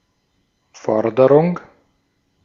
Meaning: 1. a demand, a (financial) claim 2. call (i.e., decision made publicly)
- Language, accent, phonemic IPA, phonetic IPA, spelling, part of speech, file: German, Austria, /ˈfɔʁdəʁʊŋ/, [ˈfɔɐ̯dɐʁʊŋ], Forderung, noun, De-at-Forderung.ogg